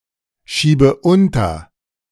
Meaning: inflection of unterschieben: 1. first-person singular present 2. first/third-person singular subjunctive I 3. singular imperative
- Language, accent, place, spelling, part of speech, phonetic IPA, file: German, Germany, Berlin, schiebe unter, verb, [ˌʃiːbə ˈʊntɐ], De-schiebe unter.ogg